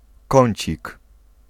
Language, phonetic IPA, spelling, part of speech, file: Polish, [ˈkɔ̃ɲt͡ɕik], kącik, noun, Pl-kącik.ogg